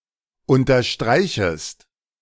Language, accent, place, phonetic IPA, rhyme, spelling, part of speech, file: German, Germany, Berlin, [ˌʊntɐˈʃtʁaɪ̯çəst], -aɪ̯çəst, unterstreichest, verb, De-unterstreichest.ogg
- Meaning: second-person singular subjunctive I of unterstreichen